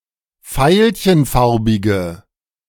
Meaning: inflection of veilchenfarbig: 1. strong/mixed nominative/accusative feminine singular 2. strong nominative/accusative plural 3. weak nominative all-gender singular
- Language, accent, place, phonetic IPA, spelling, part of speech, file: German, Germany, Berlin, [ˈfaɪ̯lçənˌfaʁbɪɡə], veilchenfarbige, adjective, De-veilchenfarbige.ogg